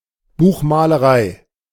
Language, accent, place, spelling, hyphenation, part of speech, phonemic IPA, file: German, Germany, Berlin, Buchmalerei, Buch‧ma‧le‧rei, noun, /ˈbuːxmaːləˌʁaɪ̯/, De-Buchmalerei.ogg
- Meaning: book painting, illumination (Adornment of books and manuscripts with colored illustrations.)